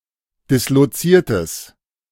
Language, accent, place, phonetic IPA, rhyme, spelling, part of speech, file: German, Germany, Berlin, [dɪsloˈt͡siːɐ̯təs], -iːɐ̯təs, disloziertes, adjective, De-disloziertes.ogg
- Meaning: strong/mixed nominative/accusative neuter singular of disloziert